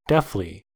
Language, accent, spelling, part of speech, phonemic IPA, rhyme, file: English, US, deafly, adverb, /ˈdɛfli/, -ɛfli, En-us-deafly.ogg
- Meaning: In a deaf manner; without the aid of a sense of hearing